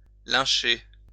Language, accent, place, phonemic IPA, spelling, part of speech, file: French, France, Lyon, /lɛ̃.ʃe/, lyncher, verb, LL-Q150 (fra)-lyncher.wav
- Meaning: to lynch